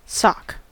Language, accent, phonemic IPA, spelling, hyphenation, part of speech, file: English, US, /sɑk/, sock, sock, noun / interjection / verb / adjective, En-us-sock.ogg
- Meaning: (noun) 1. A knitted or woven covering for the foot 2. Synonym of soccus, a light shoe worn by Ancient Greek and Roman comedic actors